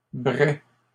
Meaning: plural of brai
- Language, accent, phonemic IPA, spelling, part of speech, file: French, Canada, /bʁɛ/, brais, noun, LL-Q150 (fra)-brais.wav